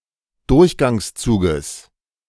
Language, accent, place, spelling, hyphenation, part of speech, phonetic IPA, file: German, Germany, Berlin, Durchgangszuges, Durch‧gangs‧zu‧ges, noun, [ˈdʊʁçɡaŋsˌt͡suːɡəs], De-Durchgangszuges.ogg
- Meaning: genitive singular of Durchgangszug